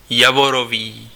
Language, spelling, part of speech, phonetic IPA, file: Czech, javorový, adjective, [ˈjavoroviː], Cs-javorový.ogg
- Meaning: maple